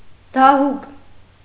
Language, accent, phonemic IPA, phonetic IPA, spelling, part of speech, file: Armenian, Eastern Armenian, /dɑˈhuk/, [dɑhúk], դահուկ, noun, Hy-դահուկ.ogg
- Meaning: 1. ski 2. sleigh, sled, sledge for transporting grass and wood over snow in the mountains